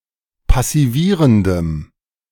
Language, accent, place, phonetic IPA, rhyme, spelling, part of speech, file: German, Germany, Berlin, [pasiˈviːʁəndəm], -iːʁəndəm, passivierendem, adjective, De-passivierendem.ogg
- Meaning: strong dative masculine/neuter singular of passivierend